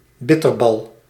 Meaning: a spherical croquette filled with ragout
- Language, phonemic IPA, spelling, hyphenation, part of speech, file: Dutch, /ˈbɪ.tərˌbɑl/, bitterbal, bit‧ter‧bal, noun, Nl-bitterbal.ogg